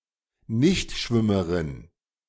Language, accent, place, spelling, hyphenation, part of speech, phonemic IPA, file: German, Germany, Berlin, Nichtschwimmerin, Nicht‧schwim‧me‧rin, noun, /ˈnɪçtˌʃvɪməʁɪn/, De-Nichtschwimmerin.ogg
- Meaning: non-swimmer